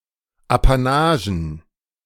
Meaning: plural of Apanage
- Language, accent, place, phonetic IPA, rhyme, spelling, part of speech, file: German, Germany, Berlin, [apaˈnaːʒn̩], -aːʒn̩, Apanagen, noun, De-Apanagen.ogg